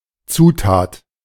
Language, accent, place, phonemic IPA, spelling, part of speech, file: German, Germany, Berlin, /ˈt͡suːtaːt/, Zutat, noun, De-Zutat.ogg
- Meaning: ingredient (one of the parts of a whole)